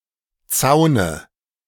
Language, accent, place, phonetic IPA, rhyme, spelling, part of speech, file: German, Germany, Berlin, [ˈt͡saʊ̯nə], -aʊ̯nə, Zaune, noun, De-Zaune.ogg
- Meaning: dative of Zaun